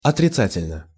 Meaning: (adverb) 1. negatively 2. adversely; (adjective) short neuter singular of отрица́тельный (otricátelʹnyj)
- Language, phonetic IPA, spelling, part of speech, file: Russian, [ɐtrʲɪˈt͡satʲɪlʲnə], отрицательно, adverb / adjective, Ru-отрицательно.ogg